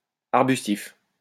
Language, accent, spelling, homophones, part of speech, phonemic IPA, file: French, France, arbustif, arbustifs, adjective, /aʁ.bys.tif/, LL-Q150 (fra)-arbustif.wav
- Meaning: having the shape and the size of a bush or a little tree